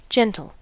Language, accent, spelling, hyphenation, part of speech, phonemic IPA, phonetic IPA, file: English, US, gentle, gen‧tle, adjective / verb / noun, /ˈd͡ʒɛn.tl̩/, [ˈd͡ʒɛ̃.ɾ̃l̩], En-us-gentle.ogg
- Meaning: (adjective) 1. Tender and amiable; of a considerate or kindly disposition 2. Soft and mild rather than hard or severe 3. Docile and easily managed 4. Gradual rather than steep or sudden